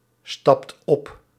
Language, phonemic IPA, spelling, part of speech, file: Dutch, /ˈstɑpt ˈɔp/, stapt op, verb, Nl-stapt op.ogg
- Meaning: inflection of opstappen: 1. second/third-person singular present indicative 2. plural imperative